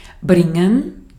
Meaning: 1. to bring, to fetch, to take, to convey, to bear 2. to bring, to lead, to guide, to accompany
- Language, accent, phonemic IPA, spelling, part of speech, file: German, Austria, /ˈbrɪŋən/, bringen, verb, De-at-bringen.ogg